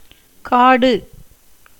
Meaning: 1. forest, jungle, woods 2. uncultivated tract 3. dry land (under cultivation) 4. place; tract of land 5. desert, land not regularly inhabited by people 6. a toponym 7. small village
- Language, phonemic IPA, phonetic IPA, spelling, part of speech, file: Tamil, /kɑːɖɯ/, [käːɖɯ], காடு, noun, Ta-காடு.ogg